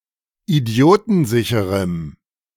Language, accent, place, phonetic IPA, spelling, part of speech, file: German, Germany, Berlin, [iˈdi̯oːtn̩ˌzɪçəʁəm], idiotensicherem, adjective, De-idiotensicherem.ogg
- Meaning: strong dative masculine/neuter singular of idiotensicher